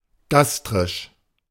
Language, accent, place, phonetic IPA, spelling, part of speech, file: German, Germany, Berlin, [ˈɡastʁɪʃ], gastrisch, adjective, De-gastrisch.ogg
- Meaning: gastric